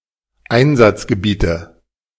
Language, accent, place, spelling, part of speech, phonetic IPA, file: German, Germany, Berlin, Einsatzgebiete, noun, [ˈaɪ̯nzat͡sɡəˌbiːtə], De-Einsatzgebiete.ogg
- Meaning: nominative/accusative/genitive plural of Einsatzgebiet